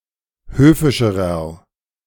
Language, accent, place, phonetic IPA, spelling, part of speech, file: German, Germany, Berlin, [ˈhøːfɪʃəʁɐ], höfischerer, adjective, De-höfischerer.ogg
- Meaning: inflection of höfisch: 1. strong/mixed nominative masculine singular comparative degree 2. strong genitive/dative feminine singular comparative degree 3. strong genitive plural comparative degree